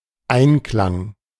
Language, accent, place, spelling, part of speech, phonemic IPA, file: German, Germany, Berlin, Einklang, noun, /ˈaɪ̯nˌklaŋ/, De-Einklang.ogg
- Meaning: 1. harmony 2. conformity, compliance, line, keeping